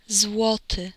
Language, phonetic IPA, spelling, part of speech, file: Polish, [ˈzwɔtɨ], złoty, adjective / noun, Pl-złoty.ogg